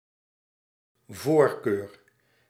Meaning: preference
- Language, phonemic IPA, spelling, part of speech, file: Dutch, /ˈvoːrkør/, voorkeur, noun, Nl-voorkeur.ogg